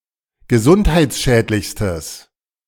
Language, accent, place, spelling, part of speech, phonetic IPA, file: German, Germany, Berlin, gesundheitsschädlichstes, adjective, [ɡəˈzʊnthaɪ̯t͡sˌʃɛːtlɪçstəs], De-gesundheitsschädlichstes.ogg
- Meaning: strong/mixed nominative/accusative neuter singular superlative degree of gesundheitsschädlich